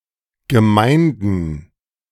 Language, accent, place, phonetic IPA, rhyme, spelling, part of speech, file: German, Germany, Berlin, [ɡəˈmaɪ̯ndn̩], -aɪ̯ndn̩, Gemeinden, noun, De-Gemeinden.ogg
- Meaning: plural of Gemeinde